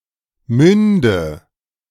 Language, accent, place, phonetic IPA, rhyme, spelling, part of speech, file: German, Germany, Berlin, [ˈmʏndə], -ʏndə, münde, verb, De-münde.ogg
- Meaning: inflection of münden: 1. first-person singular present 2. first/third-person singular subjunctive I 3. singular imperative